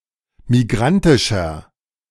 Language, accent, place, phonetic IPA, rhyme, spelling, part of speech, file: German, Germany, Berlin, [miˈɡʁantɪʃɐ], -antɪʃɐ, migrantischer, adjective, De-migrantischer.ogg
- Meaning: inflection of migrantisch: 1. strong/mixed nominative masculine singular 2. strong genitive/dative feminine singular 3. strong genitive plural